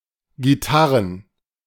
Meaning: plural of Gitarre
- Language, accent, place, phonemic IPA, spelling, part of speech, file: German, Germany, Berlin, /ɡiˈtaʁən/, Gitarren, noun, De-Gitarren.ogg